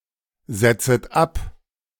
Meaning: second-person plural subjunctive I of absetzen
- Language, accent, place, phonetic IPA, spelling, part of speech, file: German, Germany, Berlin, [ˌz̥ɛt͡sət ˈap], setzet ab, verb, De-setzet ab.ogg